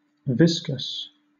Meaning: One of the organs, as the brain, heart, or stomach, in the great cavities of the body of an animal; especially used in the plural, and applied to the organs contained in the abdomen
- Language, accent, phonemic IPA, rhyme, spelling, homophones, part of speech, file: English, Southern England, /ˈvɪskəs/, -ɪskəs, viscus, viscous, noun, LL-Q1860 (eng)-viscus.wav